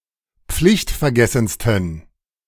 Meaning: 1. superlative degree of pflichtvergessen 2. inflection of pflichtvergessen: strong genitive masculine/neuter singular superlative degree
- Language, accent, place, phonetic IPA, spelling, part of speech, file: German, Germany, Berlin, [ˈp͡flɪçtfɛɐ̯ˌɡɛsn̩stən], pflichtvergessensten, adjective, De-pflichtvergessensten.ogg